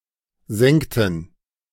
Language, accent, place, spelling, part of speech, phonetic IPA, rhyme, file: German, Germany, Berlin, sengten, verb, [ˈzɛŋtn̩], -ɛŋtn̩, De-sengten.ogg
- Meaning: inflection of sengen: 1. first/third-person plural preterite 2. first/third-person plural subjunctive II